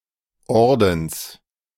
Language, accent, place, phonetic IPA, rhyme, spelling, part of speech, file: German, Germany, Berlin, [ˈɔʁdn̩s], -ɔʁdn̩s, Ordens, noun, De-Ordens.ogg
- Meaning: genitive singular of Orden